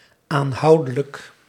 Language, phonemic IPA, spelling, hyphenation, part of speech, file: Dutch, /aːnˈɦɑu̯dələk/, aanhoudelijk, aan‧hou‧de‧lijk, adjective, Nl-aanhoudelijk.ogg
- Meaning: continuously, persistently